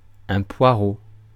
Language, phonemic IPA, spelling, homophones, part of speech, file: French, /pwa.ʁo/, poireau, Poirot, noun, Fr-poireau.ogg
- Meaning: 1. leek (Allium ampeloprasum, syn. Allium porrum) 2. cock, dick